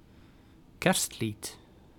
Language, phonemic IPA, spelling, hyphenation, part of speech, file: Dutch, /ˈkɛrst.lit/, kerstlied, kerst‧lied, noun, Nl-kerstlied.ogg
- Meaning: a Christmas song, such as a Christmas carol, Christmas hymn or pop song